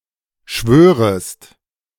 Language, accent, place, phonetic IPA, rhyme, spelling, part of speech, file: German, Germany, Berlin, [ˈʃvøːʁəst], -øːʁəst, schwörest, verb, De-schwörest.ogg
- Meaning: second-person singular subjunctive I of schwören